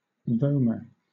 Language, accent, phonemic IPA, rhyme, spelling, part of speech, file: English, Southern England, /ˈvoʊmə(ɹ)/, -oʊmə(ɹ), vomer, noun, LL-Q1860 (eng)-vomer.wav
- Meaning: The vomer bone; the small thin bone that forms part of the septum between the nostrils